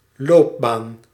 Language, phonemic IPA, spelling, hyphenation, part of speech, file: Dutch, /ˈloːp.baːn/, loopbaan, loop‧baan, noun, Nl-loopbaan.ogg
- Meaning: 1. career 2. orbit 3. racetrack